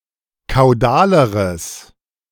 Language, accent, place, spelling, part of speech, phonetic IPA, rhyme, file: German, Germany, Berlin, kaudaleres, adjective, [kaʊ̯ˈdaːləʁəs], -aːləʁəs, De-kaudaleres.ogg
- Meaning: strong/mixed nominative/accusative neuter singular comparative degree of kaudal